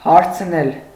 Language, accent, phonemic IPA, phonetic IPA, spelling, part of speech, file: Armenian, Eastern Armenian, /hɑɾt͡sʰˈnel/, [hɑɾt͡sʰnél], հարցնել, verb, Hy-հարցնել.ogg
- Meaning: 1. to ask (somebody about something); to inquire (of somebody, about, after, for something) 2. to ask (for), to want (to see); to desire to speak (to)